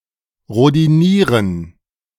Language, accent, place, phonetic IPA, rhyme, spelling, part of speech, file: German, Germany, Berlin, [ʁodiˈniːʁən], -iːʁən, rhodinieren, verb, De-rhodinieren.ogg
- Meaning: to rhodium-plate